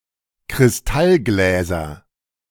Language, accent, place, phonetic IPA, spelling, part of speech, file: German, Germany, Berlin, [kʁɪsˈtalˌɡlɛːzɐ], Kristallgläser, noun, De-Kristallgläser.ogg
- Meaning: nominative/accusative/genitive plural of Kristallglas